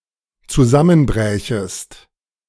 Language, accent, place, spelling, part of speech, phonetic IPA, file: German, Germany, Berlin, zusammenbrächest, verb, [t͡suˈzamənˌbʁɛːçəst], De-zusammenbrächest.ogg
- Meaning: second-person singular dependent subjunctive II of zusammenbrechen